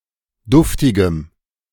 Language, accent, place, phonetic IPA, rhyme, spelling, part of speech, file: German, Germany, Berlin, [ˈdʊftɪɡəm], -ʊftɪɡəm, duftigem, adjective, De-duftigem.ogg
- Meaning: strong dative masculine/neuter singular of duftig